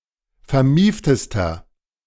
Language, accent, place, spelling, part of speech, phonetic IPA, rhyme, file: German, Germany, Berlin, vermieftester, adjective, [fɛɐ̯ˈmiːftəstɐ], -iːftəstɐ, De-vermieftester.ogg
- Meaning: inflection of vermieft: 1. strong/mixed nominative masculine singular superlative degree 2. strong genitive/dative feminine singular superlative degree 3. strong genitive plural superlative degree